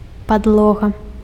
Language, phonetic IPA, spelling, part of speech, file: Belarusian, [padˈɫoɣa], падлога, noun, Be-падлога.ogg
- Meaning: floor (supporting surface of a room)